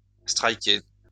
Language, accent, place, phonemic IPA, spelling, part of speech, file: French, France, Lyon, /stʁaj.ke/, striker, verb, LL-Q150 (fra)-striker.wav
- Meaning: to strike